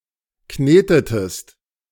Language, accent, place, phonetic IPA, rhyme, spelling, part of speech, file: German, Germany, Berlin, [ˈkneːtətəst], -eːtətəst, knetetest, verb, De-knetetest.ogg
- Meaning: inflection of kneten: 1. second-person singular preterite 2. second-person singular subjunctive II